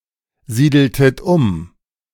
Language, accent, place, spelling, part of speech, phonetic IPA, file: German, Germany, Berlin, siedeltet um, verb, [ˌziːdl̩tət ˈʊm], De-siedeltet um.ogg
- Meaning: inflection of umsiedeln: 1. second-person plural preterite 2. second-person plural subjunctive II